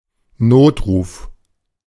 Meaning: emergency call
- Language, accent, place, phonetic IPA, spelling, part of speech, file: German, Germany, Berlin, [ˈnoːtˌʁuːf], Notruf, noun, De-Notruf.ogg